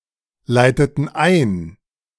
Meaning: inflection of einleiten: 1. first/third-person plural preterite 2. first/third-person plural subjunctive II
- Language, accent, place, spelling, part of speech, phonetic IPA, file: German, Germany, Berlin, leiteten ein, verb, [ˌlaɪ̯tətn̩ ˈaɪ̯n], De-leiteten ein.ogg